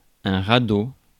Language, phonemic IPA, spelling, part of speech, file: French, /ʁa.do/, radeau, noun, Fr-radeau.ogg
- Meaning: raft